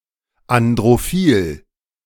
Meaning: androphilic
- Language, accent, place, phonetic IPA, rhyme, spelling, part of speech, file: German, Germany, Berlin, [andʁoˈfiːl], -iːl, androphil, adjective, De-androphil.ogg